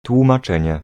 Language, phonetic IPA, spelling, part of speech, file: Polish, [ˌtwũmaˈt͡ʃɛ̃ɲɛ], tłumaczenie, noun, Pl-tłumaczenie.ogg